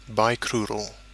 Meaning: having two legs
- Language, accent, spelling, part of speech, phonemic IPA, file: English, UK, bicrural, adjective, /ˌbaɪˈkɹʊəɹəl/, En-uk-bicrural.oga